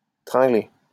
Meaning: to shaft, shag, hump (have sex with)
- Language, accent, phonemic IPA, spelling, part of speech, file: French, France, /tʁɛ̃.ɡle/, tringler, verb, LL-Q150 (fra)-tringler.wav